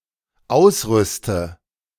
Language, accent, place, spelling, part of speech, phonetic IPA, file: German, Germany, Berlin, ausrüste, verb, [ˈaʊ̯sˌʁʏstə], De-ausrüste.ogg
- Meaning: inflection of ausrüsten: 1. first-person singular dependent present 2. first/third-person singular dependent subjunctive I